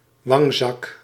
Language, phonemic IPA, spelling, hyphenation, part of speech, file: Dutch, /ˈʋɑŋ.zɑk/, wangzak, wang‧zak, noun, Nl-wangzak.ogg
- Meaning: a cheek pouch